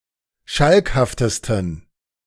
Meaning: 1. superlative degree of schalkhaft 2. inflection of schalkhaft: strong genitive masculine/neuter singular superlative degree
- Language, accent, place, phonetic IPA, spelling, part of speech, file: German, Germany, Berlin, [ˈʃalkhaftəstn̩], schalkhaftesten, adjective, De-schalkhaftesten.ogg